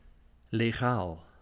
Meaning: legal, lawful, licit
- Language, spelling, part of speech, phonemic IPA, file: Dutch, legaal, adjective, /leˈɣal/, Nl-legaal.ogg